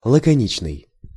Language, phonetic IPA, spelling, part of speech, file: Russian, [ɫəkɐˈnʲit͡ɕnɨj], лаконичный, adjective, Ru-лаконичный.ogg
- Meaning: laconic, terse, pithy, concise